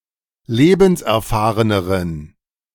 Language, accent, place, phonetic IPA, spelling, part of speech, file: German, Germany, Berlin, [ˈleːbn̩sʔɛɐ̯ˌfaːʁənəʁən], lebenserfahreneren, adjective, De-lebenserfahreneren.ogg
- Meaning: inflection of lebenserfahren: 1. strong genitive masculine/neuter singular comparative degree 2. weak/mixed genitive/dative all-gender singular comparative degree